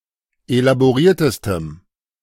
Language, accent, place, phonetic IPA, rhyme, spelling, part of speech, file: German, Germany, Berlin, [elaboˈʁiːɐ̯təstəm], -iːɐ̯təstəm, elaboriertestem, adjective, De-elaboriertestem.ogg
- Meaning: strong dative masculine/neuter singular superlative degree of elaboriert